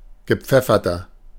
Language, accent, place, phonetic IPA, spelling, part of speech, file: German, Germany, Berlin, [ɡəˈp͡fɛfɐtɐ], gepfefferter, adjective, De-gepfefferter.ogg
- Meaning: 1. comparative degree of gepfeffert 2. inflection of gepfeffert: strong/mixed nominative masculine singular 3. inflection of gepfeffert: strong genitive/dative feminine singular